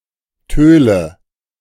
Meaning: dog
- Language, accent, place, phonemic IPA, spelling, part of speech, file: German, Germany, Berlin, /ˈtøːlə/, Töle, noun, De-Töle.ogg